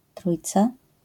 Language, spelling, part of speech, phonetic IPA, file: Polish, trójca, noun, [ˈtrujt͡sa], LL-Q809 (pol)-trójca.wav